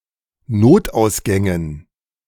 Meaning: dative plural of Notausgang
- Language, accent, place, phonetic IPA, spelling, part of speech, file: German, Germany, Berlin, [ˈnoːtʔaʊ̯sˌɡɛŋən], Notausgängen, noun, De-Notausgängen.ogg